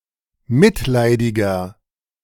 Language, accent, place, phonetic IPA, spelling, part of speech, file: German, Germany, Berlin, [ˈmɪtˌlaɪ̯dɪɡɐ], mitleidiger, adjective, De-mitleidiger.ogg
- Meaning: 1. comparative degree of mitleidig 2. inflection of mitleidig: strong/mixed nominative masculine singular 3. inflection of mitleidig: strong genitive/dative feminine singular